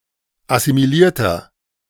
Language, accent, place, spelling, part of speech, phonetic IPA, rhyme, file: German, Germany, Berlin, assimilierter, adjective, [asimiˈliːɐ̯tɐ], -iːɐ̯tɐ, De-assimilierter.ogg
- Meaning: inflection of assimiliert: 1. strong/mixed nominative masculine singular 2. strong genitive/dative feminine singular 3. strong genitive plural